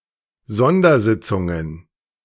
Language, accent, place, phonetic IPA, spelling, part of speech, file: German, Germany, Berlin, [ˈzɔndɐˌzɪt͡sʊŋən], Sondersitzungen, noun, De-Sondersitzungen.ogg
- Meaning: plural of Sondersitzung